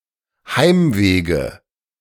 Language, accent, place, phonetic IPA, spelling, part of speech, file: German, Germany, Berlin, [ˈhaɪ̯mˌveːɡə], Heimwege, noun, De-Heimwege.ogg
- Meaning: nominative/accusative/genitive plural of Heimweg